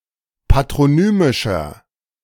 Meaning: inflection of patronymisch: 1. strong/mixed nominative masculine singular 2. strong genitive/dative feminine singular 3. strong genitive plural
- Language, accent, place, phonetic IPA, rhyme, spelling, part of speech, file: German, Germany, Berlin, [patʁoˈnyːmɪʃɐ], -yːmɪʃɐ, patronymischer, adjective, De-patronymischer.ogg